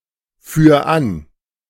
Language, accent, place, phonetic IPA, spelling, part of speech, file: German, Germany, Berlin, [ˌfyːɐ̯ ˈan], führ an, verb, De-führ an.ogg
- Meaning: 1. singular imperative of anführen 2. first-person singular present of anführen